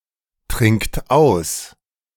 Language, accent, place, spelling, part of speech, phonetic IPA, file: German, Germany, Berlin, trinkt aus, verb, [ˌtʁɪŋkt ˈaʊ̯s], De-trinkt aus.ogg
- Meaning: inflection of austrinken: 1. third-person singular present 2. second-person plural present 3. plural imperative